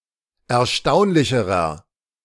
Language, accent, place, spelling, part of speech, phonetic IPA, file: German, Germany, Berlin, erstaunlicherer, adjective, [ɛɐ̯ˈʃtaʊ̯nlɪçəʁɐ], De-erstaunlicherer.ogg
- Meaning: inflection of erstaunlich: 1. strong/mixed nominative masculine singular comparative degree 2. strong genitive/dative feminine singular comparative degree 3. strong genitive plural comparative degree